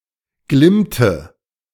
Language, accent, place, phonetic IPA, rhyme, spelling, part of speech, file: German, Germany, Berlin, [ˈɡlɪmtə], -ɪmtə, glimmte, verb, De-glimmte.ogg
- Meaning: inflection of glimmen: 1. first/third-person singular preterite 2. first/third-person singular subjunctive II